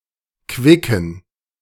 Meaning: inflection of quick: 1. strong genitive masculine/neuter singular 2. weak/mixed genitive/dative all-gender singular 3. strong/weak/mixed accusative masculine singular 4. strong dative plural
- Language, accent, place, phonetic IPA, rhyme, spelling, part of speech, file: German, Germany, Berlin, [ˈkvɪkn̩], -ɪkn̩, quicken, adjective, De-quicken.ogg